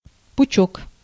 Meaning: 1. bundle, bunch, sheaf (any collection of things bound together) 2. fascicle, wisp
- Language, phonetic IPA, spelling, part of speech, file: Russian, [pʊˈt͡ɕɵk], пучок, noun, Ru-пучок.ogg